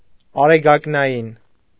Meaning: solar
- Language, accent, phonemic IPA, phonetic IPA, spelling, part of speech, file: Armenian, Eastern Armenian, /ɑɾeɡɑknɑˈjin/, [ɑɾeɡɑknɑjín], արեգակնային, adjective, Hy-արեգակնային.ogg